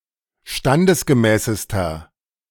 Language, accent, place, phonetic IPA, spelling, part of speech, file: German, Germany, Berlin, [ˈʃtandəsɡəˌmɛːsəstɐ], standesgemäßester, adjective, De-standesgemäßester.ogg
- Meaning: inflection of standesgemäß: 1. strong/mixed nominative masculine singular superlative degree 2. strong genitive/dative feminine singular superlative degree 3. strong genitive plural superlative degree